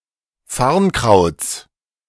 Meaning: genitive singular of Farnkraut
- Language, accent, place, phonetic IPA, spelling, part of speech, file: German, Germany, Berlin, [ˈfaʁnˌkʁaʊ̯t͡s], Farnkrauts, noun, De-Farnkrauts.ogg